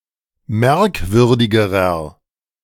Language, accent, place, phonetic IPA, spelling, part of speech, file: German, Germany, Berlin, [ˈmɛʁkˌvʏʁdɪɡəʁɐ], merkwürdigerer, adjective, De-merkwürdigerer.ogg
- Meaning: inflection of merkwürdig: 1. strong/mixed nominative masculine singular comparative degree 2. strong genitive/dative feminine singular comparative degree 3. strong genitive plural comparative degree